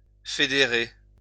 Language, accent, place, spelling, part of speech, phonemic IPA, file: French, France, Lyon, fédérer, verb, /fe.de.ʁe/, LL-Q150 (fra)-fédérer.wav
- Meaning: to federate